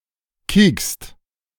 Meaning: second-person singular present of kieken
- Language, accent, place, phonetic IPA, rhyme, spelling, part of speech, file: German, Germany, Berlin, [kiːkst], -iːkst, kiekst, verb, De-kiekst.ogg